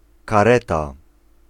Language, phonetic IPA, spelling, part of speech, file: Polish, [kaˈrɛta], kareta, noun, Pl-kareta.ogg